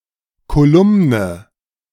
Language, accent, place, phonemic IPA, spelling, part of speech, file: German, Germany, Berlin, /koˈlʊmnə/, Kolumne, noun, De-Kolumne.ogg
- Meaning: 1. column (body of text) 2. column (recurring feature)